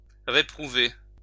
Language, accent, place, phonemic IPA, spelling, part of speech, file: French, France, Lyon, /ʁe.pʁu.ve/, réprouver, verb, LL-Q150 (fra)-réprouver.wav
- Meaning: to reprove, condemn